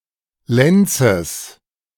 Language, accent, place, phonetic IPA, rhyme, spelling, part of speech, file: German, Germany, Berlin, [ˈlɛnt͡səs], -ɛnt͡səs, Lenzes, noun, De-Lenzes.ogg
- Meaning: genitive singular of Lenz